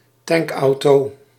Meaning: tank truck/tanker truck
- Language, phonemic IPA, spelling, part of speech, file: Dutch, /ˈtɛŋkɑu̯toː/, tankauto, noun, Nl-tankauto.ogg